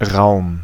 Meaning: 1. space 2. capacity, volume, room 3. room, chamber 4. place, area, field, room, space 5. place, area, field, room, space: room, hold (of a vessel or vehicle) 6. scope, opportunity, field
- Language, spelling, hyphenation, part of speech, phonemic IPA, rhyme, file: German, Raum, Raum, noun, /ʁaʊ̯m/, -aʊ̯m, De-Raum.ogg